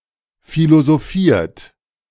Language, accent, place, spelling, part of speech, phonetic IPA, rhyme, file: German, Germany, Berlin, philosophiert, verb, [ˌfilozoˈfiːɐ̯t], -iːɐ̯t, De-philosophiert.ogg
- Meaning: 1. past participle of philosophieren 2. inflection of philosophieren: third-person singular present 3. inflection of philosophieren: second-person plural present